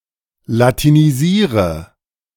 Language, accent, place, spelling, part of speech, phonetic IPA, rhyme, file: German, Germany, Berlin, latinisiere, verb, [latiniˈziːʁə], -iːʁə, De-latinisiere.ogg
- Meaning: inflection of latinisieren: 1. first-person singular present 2. first/third-person singular subjunctive I 3. singular imperative